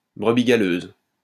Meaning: black sheep; bad apple (person who is not wholesome, honest, or trustworthy; person who is undesirable)
- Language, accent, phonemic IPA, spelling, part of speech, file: French, France, /bʁə.bi ɡa.løz/, brebis galeuse, noun, LL-Q150 (fra)-brebis galeuse.wav